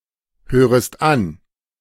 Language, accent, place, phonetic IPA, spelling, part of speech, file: German, Germany, Berlin, [ˌhøːʁəst ˈan], hörest an, verb, De-hörest an.ogg
- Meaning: second-person singular subjunctive I of anhören